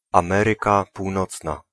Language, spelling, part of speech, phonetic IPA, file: Polish, Ameryka Północna, proper noun, [ãˈmɛrɨka puwˈnɔt͡sna], Pl-Ameryka Północna.ogg